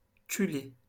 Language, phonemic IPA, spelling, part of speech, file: French, /ky.le/, culée, noun / verb, LL-Q150 (fra)-culée.wav
- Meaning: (noun) 1. stump 2. abutment; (verb) feminine singular of culé